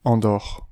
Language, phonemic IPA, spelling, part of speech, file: French, /ɑ̃.dɔʁ/, Andorre, proper noun, Fr-Andorre.ogg
- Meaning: Andorra (a microstate in Southern Europe, between Spain and France)